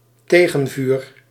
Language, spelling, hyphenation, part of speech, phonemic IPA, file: Dutch, tegenvuur, te‧gen‧vuur, noun, /ˈteː.ɣə(n)ˌvyːr/, Nl-tegenvuur.ogg
- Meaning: 1. return fire, counterfire 2. a fire started to limit the damage or extent of an ongoing fire, especially in order to combat wildfires